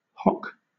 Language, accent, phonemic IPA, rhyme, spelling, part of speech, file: English, Southern England, /hɒk/, -ɒk, hock, noun, LL-Q1860 (eng)-hock.wav
- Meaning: A Rhenish wine, of a light yellow color, either sparkling or still, from the Hochheim region; often applied to all Rhenish wines